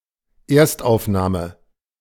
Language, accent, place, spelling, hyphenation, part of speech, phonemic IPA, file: German, Germany, Berlin, Erstaufnahme, Erst‧auf‧nah‧me, noun, /ˈeːɐ̯stʔaʊ̯fˌnaːmə/, De-Erstaufnahme.ogg
- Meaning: 1. original recording 2. initial reception